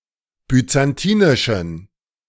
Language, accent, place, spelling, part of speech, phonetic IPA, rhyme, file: German, Germany, Berlin, byzantinischen, adjective, [byt͡sanˈtiːnɪʃn̩], -iːnɪʃn̩, De-byzantinischen.ogg
- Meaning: inflection of byzantinisch: 1. strong genitive masculine/neuter singular 2. weak/mixed genitive/dative all-gender singular 3. strong/weak/mixed accusative masculine singular 4. strong dative plural